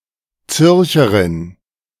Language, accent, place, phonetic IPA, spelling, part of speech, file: German, Germany, Berlin, [ˈt͡sʏʁçəʁɪn], Zürcherin, noun, De-Zürcherin.ogg
- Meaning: female equivalent of Zürcher